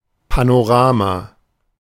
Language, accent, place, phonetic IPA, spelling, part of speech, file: German, Germany, Berlin, [ˌpanoˈʁaːma], Panorama, noun, De-Panorama.ogg
- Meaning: panorama